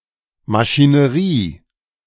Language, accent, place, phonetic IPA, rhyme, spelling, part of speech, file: German, Germany, Berlin, [maʃiːnəˈʁiː], -iː, Maschinerie, noun, De-Maschinerie.ogg
- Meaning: machinery